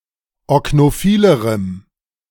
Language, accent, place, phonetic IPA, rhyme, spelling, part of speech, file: German, Germany, Berlin, [ɔknoˈfiːləʁəm], -iːləʁəm, oknophilerem, adjective, De-oknophilerem.ogg
- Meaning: strong dative masculine/neuter singular comparative degree of oknophil